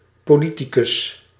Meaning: politician
- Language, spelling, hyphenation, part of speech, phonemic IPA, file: Dutch, politicus, po‧li‧ti‧cus, noun, /ˌpoːˈli.ti.kʏs/, Nl-politicus.ogg